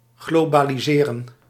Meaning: to globalize
- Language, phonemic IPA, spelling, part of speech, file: Dutch, /ɣlobaliˈzerə(n)/, globaliseren, verb, Nl-globaliseren.ogg